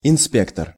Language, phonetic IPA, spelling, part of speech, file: Russian, [ɪnˈspʲektər], инспектор, noun, Ru-инспектор.ogg
- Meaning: controller, inspector, surveyor